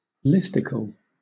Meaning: An article based around a list
- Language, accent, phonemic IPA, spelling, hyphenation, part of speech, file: English, Southern England, /ˈlɪstɪkl̩/, listicle, list‧i‧cle, noun, LL-Q1860 (eng)-listicle.wav